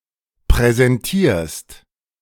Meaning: second-person singular present of präsentieren
- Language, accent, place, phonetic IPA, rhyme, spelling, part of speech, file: German, Germany, Berlin, [pʁɛzɛnˈtiːɐ̯st], -iːɐ̯st, präsentierst, verb, De-präsentierst.ogg